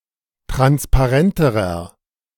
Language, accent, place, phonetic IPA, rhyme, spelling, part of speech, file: German, Germany, Berlin, [ˌtʁanspaˈʁɛntəʁɐ], -ɛntəʁɐ, transparenterer, adjective, De-transparenterer.ogg
- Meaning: inflection of transparent: 1. strong/mixed nominative masculine singular comparative degree 2. strong genitive/dative feminine singular comparative degree 3. strong genitive plural comparative degree